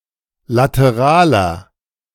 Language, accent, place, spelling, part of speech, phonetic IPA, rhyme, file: German, Germany, Berlin, lateraler, adjective, [ˌlatəˈʁaːlɐ], -aːlɐ, De-lateraler.ogg
- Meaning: inflection of lateral: 1. strong/mixed nominative masculine singular 2. strong genitive/dative feminine singular 3. strong genitive plural